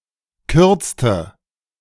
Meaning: inflection of kürzen: 1. first/third-person singular preterite 2. first/third-person singular subjunctive II
- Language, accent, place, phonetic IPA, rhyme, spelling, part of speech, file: German, Germany, Berlin, [ˈkʏʁt͡stə], -ʏʁt͡stə, kürzte, verb, De-kürzte.ogg